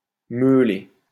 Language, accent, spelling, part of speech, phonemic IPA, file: French, France, meuler, verb, /mø.le/, LL-Q150 (fra)-meuler.wav
- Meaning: to sharpen on a grindstone